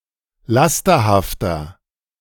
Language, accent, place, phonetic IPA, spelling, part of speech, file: German, Germany, Berlin, [ˈlastɐhaftɐ], lasterhafter, adjective, De-lasterhafter.ogg
- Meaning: 1. comparative degree of lasterhaft 2. inflection of lasterhaft: strong/mixed nominative masculine singular 3. inflection of lasterhaft: strong genitive/dative feminine singular